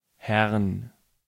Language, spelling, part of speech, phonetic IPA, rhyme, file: German, Herrn, noun, [hɛʁn], -ɛʁn, De-Herrn.ogg
- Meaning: 1. genitive/dative/accusative singular of Herr 2. all-case plural of Herr